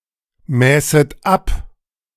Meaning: second-person plural subjunctive II of abmessen
- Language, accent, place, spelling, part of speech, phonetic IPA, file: German, Germany, Berlin, mäßet ab, verb, [ˌmɛːsət ˈap], De-mäßet ab.ogg